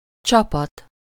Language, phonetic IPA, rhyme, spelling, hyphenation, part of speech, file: Hungarian, [ˈt͡ʃɒpɒt], -ɒt, csapat, csa‧pat, noun / verb, Hu-csapat.ogg
- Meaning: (noun) 1. group, troop, crew, flock 2. team (group of people) 3. troop, detachment, legion